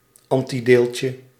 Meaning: antiparticle
- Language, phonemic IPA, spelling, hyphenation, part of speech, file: Dutch, /ˈɑn.tiˌdeːl.tjə/, antideeltje, an‧ti‧deel‧tje, noun, Nl-antideeltje.ogg